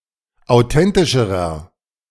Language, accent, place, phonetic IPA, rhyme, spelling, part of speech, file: German, Germany, Berlin, [aʊ̯ˈtɛntɪʃəʁɐ], -ɛntɪʃəʁɐ, authentischerer, adjective, De-authentischerer.ogg
- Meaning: inflection of authentisch: 1. strong/mixed nominative masculine singular comparative degree 2. strong genitive/dative feminine singular comparative degree 3. strong genitive plural comparative degree